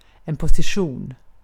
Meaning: a place, a location, a position. A description of where something is located with respect to the surroundings, e.g. the satellites of the GPS system
- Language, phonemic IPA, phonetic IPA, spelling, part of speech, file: Swedish, /pɔsɪˈɧuːn/, [pɔsɪˈʂuːn], position, noun, Sv-position.ogg